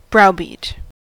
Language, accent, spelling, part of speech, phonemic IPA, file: English, US, browbeat, verb, /ˈbɹaʊ.biːt/, En-us-browbeat.ogg
- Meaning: To bully in an intimidating, bossy, or supercilious way